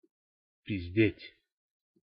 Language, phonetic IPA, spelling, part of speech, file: Russian, [pʲɪzʲˈdʲetʲ], пиздеть, verb, Ru-пиздеть.ogg
- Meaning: 1. to speak off the point, to bitch, to complain, to piss and moan 2. to lie, to bullshit